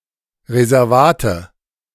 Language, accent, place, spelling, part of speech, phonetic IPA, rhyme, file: German, Germany, Berlin, Reservate, noun, [ʁezɛʁˈvaːtə], -aːtə, De-Reservate.ogg
- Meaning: nominative/accusative/genitive plural of Reservat